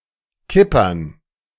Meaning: dative plural of Kipper
- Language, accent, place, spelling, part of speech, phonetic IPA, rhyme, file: German, Germany, Berlin, Kippern, noun, [ˈkɪpɐn], -ɪpɐn, De-Kippern.ogg